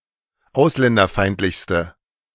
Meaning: inflection of ausländerfeindlich: 1. strong/mixed nominative/accusative feminine singular superlative degree 2. strong nominative/accusative plural superlative degree
- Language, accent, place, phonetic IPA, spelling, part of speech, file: German, Germany, Berlin, [ˈaʊ̯slɛndɐˌfaɪ̯ntlɪçstə], ausländerfeindlichste, adjective, De-ausländerfeindlichste.ogg